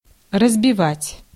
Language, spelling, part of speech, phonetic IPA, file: Russian, разбивать, verb, [rəzbʲɪˈvatʲ], Ru-разбивать.ogg
- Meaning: 1. to break, to crash, to crush, to smash, to shatter 2. to defeat, to beat, to smash 3. to divide, to break (down) 4. to lay out (park), to mark out 5. to pitch (a tent), to set up (a tent or a camp)